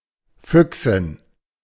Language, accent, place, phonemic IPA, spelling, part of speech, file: German, Germany, Berlin, /ˈfʏksɪn/, Füchsin, noun, De-Füchsin.ogg
- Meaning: vixen (female fox)